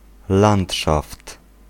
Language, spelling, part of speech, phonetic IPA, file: Polish, landszaft, noun, [ˈlãnṭʃaft], Pl-landszaft.ogg